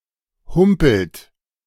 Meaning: inflection of humpeln: 1. second-person plural present 2. third-person singular present 3. plural imperative
- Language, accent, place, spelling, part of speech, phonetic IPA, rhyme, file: German, Germany, Berlin, humpelt, verb, [ˈhʊmpl̩t], -ʊmpl̩t, De-humpelt.ogg